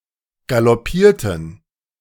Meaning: inflection of galoppieren: 1. first/third-person plural preterite 2. first/third-person plural subjunctive II
- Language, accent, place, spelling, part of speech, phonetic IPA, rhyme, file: German, Germany, Berlin, galoppierten, verb, [ɡalɔˈpiːɐ̯tn̩], -iːɐ̯tn̩, De-galoppierten.ogg